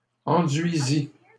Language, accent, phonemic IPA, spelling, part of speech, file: French, Canada, /ɑ̃.dɥi.zi/, enduisît, verb, LL-Q150 (fra)-enduisît.wav
- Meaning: third-person singular imperfect subjunctive of enduire